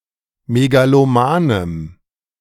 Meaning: strong dative masculine/neuter singular of megaloman
- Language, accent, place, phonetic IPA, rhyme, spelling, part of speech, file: German, Germany, Berlin, [meɡaloˈmaːnəm], -aːnəm, megalomanem, adjective, De-megalomanem.ogg